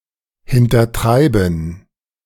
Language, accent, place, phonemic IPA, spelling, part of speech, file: German, Germany, Berlin, /hɪntɐˈtʁaɪ̯bn̩/, hintertreiben, verb, De-hintertreiben.ogg
- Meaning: to foil; thwart (prevent from being accomplished)